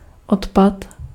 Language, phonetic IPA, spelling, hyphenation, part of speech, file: Czech, [ˈotpat], odpad, od‧pad, noun, Cs-odpad.ogg
- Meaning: 1. waste (useless products, garbage), refuse 2. drain, drainpipe